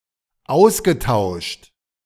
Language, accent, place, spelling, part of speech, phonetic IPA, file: German, Germany, Berlin, ausgetauscht, verb, [ˈaʊ̯sɡəˌtaʊ̯ʃt], De-ausgetauscht.ogg
- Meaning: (verb) past participle of austauschen; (adjective) exchanged, interchanged